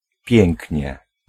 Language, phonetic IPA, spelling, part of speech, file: Polish, [ˈpʲjɛ̃ŋʲcɲɛ], pięknie, adverb, Pl-pięknie.ogg